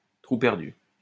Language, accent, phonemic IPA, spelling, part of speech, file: French, France, /tʁu pɛʁ.dy/, trou perdu, noun, LL-Q150 (fra)-trou perdu.wav
- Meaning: jerkwater town, one-horse town, wide spot in the road